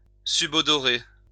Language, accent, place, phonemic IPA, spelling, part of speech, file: French, France, Lyon, /sy.bɔ.dɔ.ʁe/, subodorer, verb, LL-Q150 (fra)-subodorer.wav
- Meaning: 1. to scent 2. to smell, to sense